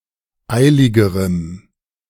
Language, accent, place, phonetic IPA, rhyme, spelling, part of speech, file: German, Germany, Berlin, [ˈaɪ̯lɪɡəʁəm], -aɪ̯lɪɡəʁəm, eiligerem, adjective, De-eiligerem.ogg
- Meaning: strong dative masculine/neuter singular comparative degree of eilig